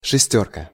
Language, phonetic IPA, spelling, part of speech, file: Russian, [ʂɨˈsʲtʲɵrkə], шестёрка, noun, Ru-шестёрка.ogg
- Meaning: 1. six 2. group of six 3. No 6 bus tram, etc 4. six-in-hand 5. six-oar boat 6. underling, minion